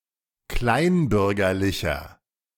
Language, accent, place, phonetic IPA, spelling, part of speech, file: German, Germany, Berlin, [ˈklaɪ̯nˌbʏʁɡɐlɪçɐ], kleinbürgerlicher, adjective, De-kleinbürgerlicher.ogg
- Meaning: 1. comparative degree of kleinbürgerlich 2. inflection of kleinbürgerlich: strong/mixed nominative masculine singular 3. inflection of kleinbürgerlich: strong genitive/dative feminine singular